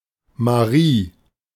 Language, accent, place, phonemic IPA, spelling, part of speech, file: German, Germany, Berlin, /maˈʁiː/, Marie, proper noun / noun, De-Marie.ogg
- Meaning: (proper noun) a female given name; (noun) money